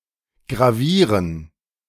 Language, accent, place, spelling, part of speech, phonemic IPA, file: German, Germany, Berlin, gravieren, verb, /ɡʁaˈviːʁən/, De-gravieren.ogg
- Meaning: to engrave